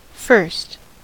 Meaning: Abbreviation of first
- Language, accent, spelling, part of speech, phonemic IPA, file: English, US, 1st, adjective, /fɝst/, En-us-1st.ogg